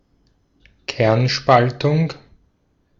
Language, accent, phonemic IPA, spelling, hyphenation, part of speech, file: German, Austria, /ˈkɛʁnˌʃpaltʊŋ/, Kernspaltung, Kern‧spal‧tung, noun, De-at-Kernspaltung.ogg
- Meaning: nuclear fission